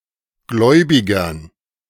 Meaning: dative plural of Gläubiger
- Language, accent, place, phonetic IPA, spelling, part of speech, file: German, Germany, Berlin, [ˈɡlɔɪ̯bɪɡɐn], Gläubigern, noun, De-Gläubigern.ogg